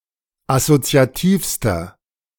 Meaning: inflection of assoziativ: 1. strong/mixed nominative masculine singular superlative degree 2. strong genitive/dative feminine singular superlative degree 3. strong genitive plural superlative degree
- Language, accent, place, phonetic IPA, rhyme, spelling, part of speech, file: German, Germany, Berlin, [asot͡si̯aˈtiːfstɐ], -iːfstɐ, assoziativster, adjective, De-assoziativster.ogg